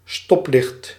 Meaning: 1. a traffic light 2. one of the lights on a traffic light or on another signalling device, in particular a red one
- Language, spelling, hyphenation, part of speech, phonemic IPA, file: Dutch, stoplicht, stop‧licht, noun, /ˈstɔp.lɪxt/, Nl-stoplicht.ogg